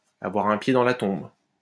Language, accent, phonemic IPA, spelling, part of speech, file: French, France, /a.vwa.ʁ‿œ̃ pje dɑ̃ la tɔ̃b/, avoir un pied dans la tombe, verb, LL-Q150 (fra)-avoir un pied dans la tombe.wav
- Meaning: to have one foot in the grave